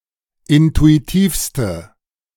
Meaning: inflection of intuitiv: 1. strong/mixed nominative/accusative feminine singular superlative degree 2. strong nominative/accusative plural superlative degree
- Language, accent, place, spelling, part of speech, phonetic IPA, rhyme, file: German, Germany, Berlin, intuitivste, adjective, [ˌɪntuiˈtiːfstə], -iːfstə, De-intuitivste.ogg